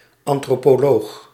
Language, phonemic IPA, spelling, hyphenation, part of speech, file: Dutch, /ˌɑn.troː.poːˈloːx/, antropoloog, an‧tro‧po‧loog, noun, Nl-antropoloog.ogg
- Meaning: anthropologist